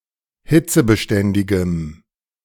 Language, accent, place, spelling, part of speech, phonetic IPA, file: German, Germany, Berlin, hitzebeständigem, adjective, [ˈhɪt͡səbəˌʃtɛndɪɡəm], De-hitzebeständigem.ogg
- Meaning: strong dative masculine/neuter singular of hitzebeständig